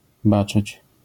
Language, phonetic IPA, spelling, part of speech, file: Polish, [ˈbat͡ʃɨt͡ɕ], baczyć, verb, LL-Q809 (pol)-baczyć.wav